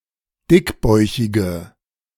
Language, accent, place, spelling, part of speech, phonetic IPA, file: German, Germany, Berlin, dickbäuchige, adjective, [ˈdɪkˌbɔɪ̯çɪɡə], De-dickbäuchige.ogg
- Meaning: inflection of dickbäuchig: 1. strong/mixed nominative/accusative feminine singular 2. strong nominative/accusative plural 3. weak nominative all-gender singular